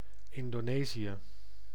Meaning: Indonesia (a country and archipelago in maritime Southeast Asia)
- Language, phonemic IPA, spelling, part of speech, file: Dutch, /ˌɪndoːˈneːzijə/, Indonesië, proper noun, Nl-Indonesië.ogg